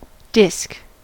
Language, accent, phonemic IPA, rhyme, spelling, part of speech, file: English, US, /dɪsk/, -ɪsk, disc, noun / verb, En-us-disc.ogg
- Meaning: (noun) 1. A thin, flat, circular plate or similar object 2. An intervertebral disc 3. Something resembling a disc 4. A vinyl phonograph or gramophone record